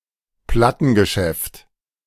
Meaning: record store, record shop
- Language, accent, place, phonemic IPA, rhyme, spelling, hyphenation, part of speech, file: German, Germany, Berlin, /ˈplatənɡəˌʃɛft/, -ɛft, Plattengeschäft, Plat‧ten‧ge‧schäft, noun, De-Plattengeschäft.ogg